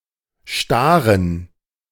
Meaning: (proper noun) Stare (a village in the Gmina of Wysoka, Piła County, Greater Poland Voivodeship, Poland); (noun) dative plural of Star
- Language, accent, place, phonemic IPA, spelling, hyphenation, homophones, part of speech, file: German, Germany, Berlin, /ˈʃtaːrən/, Staren, Sta‧ren, stahn, proper noun / noun, De-Staren.ogg